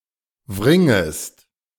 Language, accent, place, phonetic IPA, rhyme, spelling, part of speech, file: German, Germany, Berlin, [ˈvʁɪŋəst], -ɪŋəst, wringest, verb, De-wringest.ogg
- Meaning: second-person singular subjunctive I of wringen